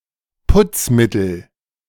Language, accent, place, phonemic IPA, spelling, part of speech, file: German, Germany, Berlin, /ˈpʊt͡sˌmɪtl̩/, Putzmittel, noun, De-Putzmittel.ogg
- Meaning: cleaning agent